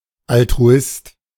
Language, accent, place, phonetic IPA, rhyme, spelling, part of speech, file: German, Germany, Berlin, [ˌaltʁuˈɪst], -ɪst, Altruist, noun, De-Altruist.ogg
- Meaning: altruist